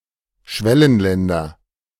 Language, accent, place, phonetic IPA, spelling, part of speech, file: German, Germany, Berlin, [ˈʃvɛlənlɛndɐ], Schwellenländer, noun, De-Schwellenländer.ogg
- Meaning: nominative/accusative/genitive plural of Schwellenland